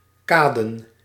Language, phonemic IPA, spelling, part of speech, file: Dutch, /ˈkadə(n)/, kaden, verb / noun, Nl-kaden.ogg
- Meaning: plural of kade